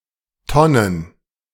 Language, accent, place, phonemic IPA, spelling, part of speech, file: German, Germany, Berlin, /ˈtɔnən/, Tonnen, noun, De-Tonnen.ogg
- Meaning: plural of Tonne